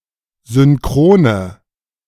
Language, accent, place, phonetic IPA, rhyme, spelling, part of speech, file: German, Germany, Berlin, [zʏnˈkʁoːnə], -oːnə, synchrone, adjective, De-synchrone.ogg
- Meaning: inflection of synchron: 1. strong/mixed nominative/accusative feminine singular 2. strong nominative/accusative plural 3. weak nominative all-gender singular